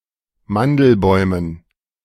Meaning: dative plural of Mandelbaum
- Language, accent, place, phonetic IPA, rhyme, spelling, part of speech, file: German, Germany, Berlin, [ˈmandl̩ˌbɔɪ̯mən], -andl̩bɔɪ̯mən, Mandelbäumen, noun, De-Mandelbäumen.ogg